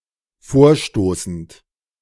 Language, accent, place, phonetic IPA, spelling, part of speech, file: German, Germany, Berlin, [ˈfoːɐ̯ˌʃtoːsn̩t], vorstoßend, verb, De-vorstoßend.ogg
- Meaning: present participle of vorstoßen